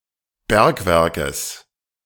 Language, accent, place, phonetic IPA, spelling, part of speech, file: German, Germany, Berlin, [ˈbɛʁkˌvɛʁkəs], Bergwerkes, noun, De-Bergwerkes.ogg
- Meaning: genitive singular of Bergwerk